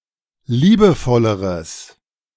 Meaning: strong/mixed nominative/accusative neuter singular comparative degree of liebevoll
- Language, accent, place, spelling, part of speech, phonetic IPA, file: German, Germany, Berlin, liebevolleres, adjective, [ˈliːbəˌfɔləʁəs], De-liebevolleres.ogg